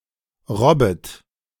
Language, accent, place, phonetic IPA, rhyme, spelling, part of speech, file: German, Germany, Berlin, [ˈʁɔbət], -ɔbət, robbet, verb, De-robbet.ogg
- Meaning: second-person plural subjunctive I of robben